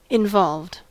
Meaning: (adjective) 1. Complicated 2. Associated with others, be a participant or make someone be a participant (in a crime, process, etc.) 3. Having an affair with someone
- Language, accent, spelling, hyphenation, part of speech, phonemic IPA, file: English, US, involved, in‧volved, adjective / verb, /ɪnˈvɑlvd/, En-us-involved.ogg